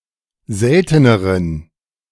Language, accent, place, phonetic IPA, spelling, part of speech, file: German, Germany, Berlin, [ˈzɛltənəʁən], selteneren, adjective, De-selteneren.ogg
- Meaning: inflection of selten: 1. strong genitive masculine/neuter singular comparative degree 2. weak/mixed genitive/dative all-gender singular comparative degree